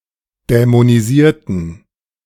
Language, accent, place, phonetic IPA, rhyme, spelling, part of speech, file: German, Germany, Berlin, [dɛmoniˈziːɐ̯tn̩], -iːɐ̯tn̩, dämonisierten, adjective / verb, De-dämonisierten.ogg
- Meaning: inflection of dämonisieren: 1. first/third-person plural preterite 2. first/third-person plural subjunctive II